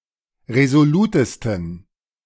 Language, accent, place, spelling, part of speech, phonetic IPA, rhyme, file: German, Germany, Berlin, resolutesten, adjective, [ʁezoˈluːtəstn̩], -uːtəstn̩, De-resolutesten.ogg
- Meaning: 1. superlative degree of resolut 2. inflection of resolut: strong genitive masculine/neuter singular superlative degree